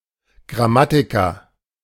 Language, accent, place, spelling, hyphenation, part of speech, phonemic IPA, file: German, Germany, Berlin, Grammatiker, Gram‧ma‧ti‧ker, noun, /ɡʁaˈmatɪkɐ/, De-Grammatiker.ogg
- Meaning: grammarian